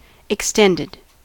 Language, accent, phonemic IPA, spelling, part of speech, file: English, US, /ɪkˈstɛndəd/, extended, verb / adjective, En-us-extended.ogg
- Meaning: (verb) simple past and past participle of extend; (adjective) 1. Longer in length or extension; elongated 2. Stretched out or pulled out; expanded 3. Lasting longer; protracted